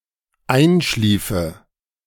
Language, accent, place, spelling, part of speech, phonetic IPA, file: German, Germany, Berlin, einschliefe, verb, [ˈaɪ̯nˌʃliːfə], De-einschliefe.ogg
- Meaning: first/third-person singular dependent subjunctive II of einschlafen